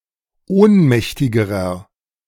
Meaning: inflection of ohnmächtig: 1. strong/mixed nominative masculine singular comparative degree 2. strong genitive/dative feminine singular comparative degree 3. strong genitive plural comparative degree
- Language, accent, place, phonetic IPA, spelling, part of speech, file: German, Germany, Berlin, [ˈoːnˌmɛçtɪɡəʁɐ], ohnmächtigerer, adjective, De-ohnmächtigerer.ogg